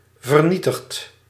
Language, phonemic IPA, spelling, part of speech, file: Dutch, /vərˈnitəxt/, vernietigd, verb, Nl-vernietigd.ogg
- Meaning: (adjective) destroyed; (verb) past participle of vernietigen